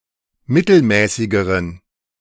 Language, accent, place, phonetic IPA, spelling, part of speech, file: German, Germany, Berlin, [ˈmɪtl̩ˌmɛːsɪɡəʁən], mittelmäßigeren, adjective, De-mittelmäßigeren.ogg
- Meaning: inflection of mittelmäßig: 1. strong genitive masculine/neuter singular comparative degree 2. weak/mixed genitive/dative all-gender singular comparative degree